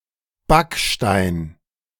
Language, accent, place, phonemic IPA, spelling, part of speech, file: German, Germany, Berlin, /ˈbakˌʃtaɪ̯n/, Backstein, noun, De-Backstein.ogg
- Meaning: 1. brick (block made of burnt clay) 2. one of the lawbooks published with red covers by the C. H. Beck publisher and admitted for examinations